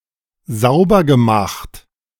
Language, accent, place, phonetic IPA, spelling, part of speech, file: German, Germany, Berlin, [ˈzaʊ̯bɐɡəˌmaxt], saubergemacht, verb, De-saubergemacht.ogg
- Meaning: past participle of saubermachen